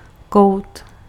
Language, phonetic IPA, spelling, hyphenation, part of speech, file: Czech, [ˈkou̯t], kout, kout, noun / verb, Cs-kout.ogg
- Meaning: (noun) corner (the space in the angle between converging lines or walls which meet in a point); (verb) 1. to forge 2. to hammer